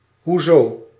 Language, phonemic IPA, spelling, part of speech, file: Dutch, /ɦuˈzoː/, hoezo, adverb / interjection, Nl-hoezo.ogg
- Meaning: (adverb) 1. in what way, in what respect 2. why; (interjection) 1. how so? how is that? 2. how/what do you mean?